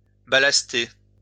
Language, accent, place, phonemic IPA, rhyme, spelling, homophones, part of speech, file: French, France, Lyon, /ba.las.te/, -e, ballaster, ballastai / ballasté / ballastée / ballastées / ballastés / ballastez, verb, LL-Q150 (fra)-ballaster.wav
- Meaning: to ballast